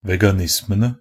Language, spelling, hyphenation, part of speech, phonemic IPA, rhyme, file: Norwegian Bokmål, veganismene, ve‧ga‧nis‧me‧ne, noun, /ˈʋɛɡanɪsmənə/, -ənə, Nb-veganismene.ogg
- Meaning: definite plural of veganisme